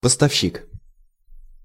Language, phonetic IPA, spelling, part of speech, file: Russian, [pəstɐfˈɕːik], поставщик, noun, Ru-поставщик.ogg
- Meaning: supplier, provider, purveyor; caterer